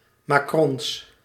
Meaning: plural of macron
- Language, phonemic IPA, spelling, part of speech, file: Dutch, /ˈmɑ.krɔns/, macrons, noun, Nl-macrons.ogg